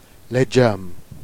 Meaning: vegetable
- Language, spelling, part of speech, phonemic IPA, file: Jèrriais, lédgeunme, noun, /led͡ʒœm/, Jer-Lédgeunme.ogg